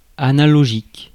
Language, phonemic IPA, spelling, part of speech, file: French, /a.na.lɔ.ʒik/, analogique, adjective, Fr-analogique.ogg
- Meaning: 1. analog 2. analogous